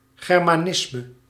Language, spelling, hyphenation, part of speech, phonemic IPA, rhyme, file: Dutch, germanisme, ger‧ma‧nis‧me, noun, /ˌɣɛrmaːˈnɪsmə/, -ɪsmə, Nl-germanisme.ogg
- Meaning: Germanism (a word or idiom of the German language)